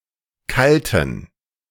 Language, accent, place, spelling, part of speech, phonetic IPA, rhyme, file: German, Germany, Berlin, kalten, adjective, [ˈkaltn̩], -altn̩, De-kalten.ogg
- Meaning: inflection of kalt: 1. strong genitive masculine/neuter singular 2. weak/mixed genitive/dative all-gender singular 3. strong/weak/mixed accusative masculine singular 4. strong dative plural